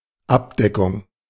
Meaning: 1. cover, covering 2. coverage
- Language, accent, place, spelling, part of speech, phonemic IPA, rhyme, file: German, Germany, Berlin, Abdeckung, noun, /ˈapˌdɛkʊŋ/, -ɛkʊŋ, De-Abdeckung.ogg